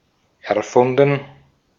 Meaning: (verb) past participle of erfinden; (adjective) 1. invented, contrived 2. fictional 3. imaginary 4. bogus
- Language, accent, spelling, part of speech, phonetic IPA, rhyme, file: German, Austria, erfunden, verb, [ɛɐ̯ˈfʊndn̩], -ʊndn̩, De-at-erfunden.ogg